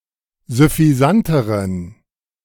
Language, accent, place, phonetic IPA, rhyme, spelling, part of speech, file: German, Germany, Berlin, [zʏfiˈzantəʁən], -antəʁən, süffisanteren, adjective, De-süffisanteren.ogg
- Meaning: inflection of süffisant: 1. strong genitive masculine/neuter singular comparative degree 2. weak/mixed genitive/dative all-gender singular comparative degree